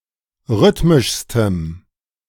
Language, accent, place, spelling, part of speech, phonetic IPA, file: German, Germany, Berlin, rhythmischstem, adjective, [ˈʁʏtmɪʃstəm], De-rhythmischstem.ogg
- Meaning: strong dative masculine/neuter singular superlative degree of rhythmisch